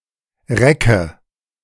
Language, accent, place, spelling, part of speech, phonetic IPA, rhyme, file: German, Germany, Berlin, recke, verb, [ˈʁɛkə], -ɛkə, De-recke.ogg
- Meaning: inflection of recken: 1. first-person singular present 2. first/third-person singular subjunctive I 3. singular imperative